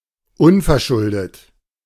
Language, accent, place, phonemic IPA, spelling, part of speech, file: German, Germany, Berlin, /ˈʊnfɛɐ̯ˌʃʊldə/, unverschuldet, adjective, De-unverschuldet.ogg
- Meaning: blameless, guiltless